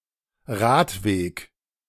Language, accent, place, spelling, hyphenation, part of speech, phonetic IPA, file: German, Germany, Berlin, Radweg, Rad‧weg, noun, [ˈʁaːtˌveːk], De-Radweg.ogg
- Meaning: bicycle lane